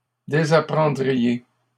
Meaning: second-person plural conditional of désapprendre
- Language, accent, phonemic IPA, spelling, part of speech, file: French, Canada, /de.za.pʁɑ̃.dʁi.je/, désapprendriez, verb, LL-Q150 (fra)-désapprendriez.wav